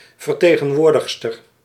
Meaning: a female representative
- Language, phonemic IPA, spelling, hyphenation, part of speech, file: Dutch, /vərˌteː.ɣə(n)ˈʋoːr.dəx.stər/, vertegenwoordigster, ver‧te‧gen‧woor‧dig‧ster, noun, Nl-vertegenwoordigster.ogg